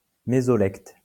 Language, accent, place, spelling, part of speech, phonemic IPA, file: French, France, Lyon, mésolecte, noun, /me.zɔ.lɛkt/, LL-Q150 (fra)-mésolecte.wav
- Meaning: mesolect